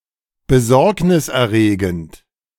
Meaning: alarming, worrying, worrisome
- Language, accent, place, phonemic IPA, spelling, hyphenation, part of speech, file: German, Germany, Berlin, /bəˈzɔʁknɪsʔɛɐ̯ˌʁeːɡn̩t/, besorgniserregend, be‧sorg‧nis‧er‧re‧gend, adjective, De-besorgniserregend.ogg